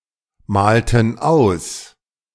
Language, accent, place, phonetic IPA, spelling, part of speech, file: German, Germany, Berlin, [ˌmaːltn̩ ˈaʊ̯s], malten aus, verb, De-malten aus.ogg
- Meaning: inflection of ausmalen: 1. first/third-person plural preterite 2. first/third-person plural subjunctive II